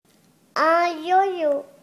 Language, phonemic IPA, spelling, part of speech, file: French, /jo.jo/, yoyo, noun, Fr-yoyo.ogg
- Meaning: yo-yo